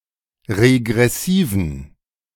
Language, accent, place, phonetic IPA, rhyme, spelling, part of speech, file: German, Germany, Berlin, [ʁeɡʁɛˈsiːvn̩], -iːvn̩, regressiven, adjective, De-regressiven.ogg
- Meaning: inflection of regressiv: 1. strong genitive masculine/neuter singular 2. weak/mixed genitive/dative all-gender singular 3. strong/weak/mixed accusative masculine singular 4. strong dative plural